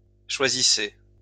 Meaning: inflection of choisir: 1. second-person plural present indicative 2. second-person plural imperative
- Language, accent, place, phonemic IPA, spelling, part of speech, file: French, France, Lyon, /ʃwa.zi.se/, choisissez, verb, LL-Q150 (fra)-choisissez.wav